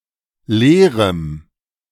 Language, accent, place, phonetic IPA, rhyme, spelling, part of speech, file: German, Germany, Berlin, [ˈleːʁəm], -eːʁəm, leerem, adjective, De-leerem.ogg
- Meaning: strong dative masculine/neuter singular of leer